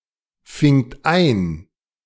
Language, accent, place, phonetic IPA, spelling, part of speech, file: German, Germany, Berlin, [ˌfɪŋt ˈaɪ̯n], fingt ein, verb, De-fingt ein.ogg
- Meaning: second-person plural preterite of einfangen